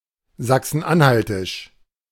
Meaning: synonym of sachsen-anhaltinisch
- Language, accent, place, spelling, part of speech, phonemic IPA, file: German, Germany, Berlin, sachsen-anhaltisch, adjective, /ˌzaksn̩ˈʔanhaltɪʃ/, De-sachsen-anhaltisch.ogg